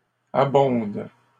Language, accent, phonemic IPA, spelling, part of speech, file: French, Canada, /a.bɔ̃d/, abondes, verb, LL-Q150 (fra)-abondes.wav
- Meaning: second-person singular present indicative/subjunctive of abonder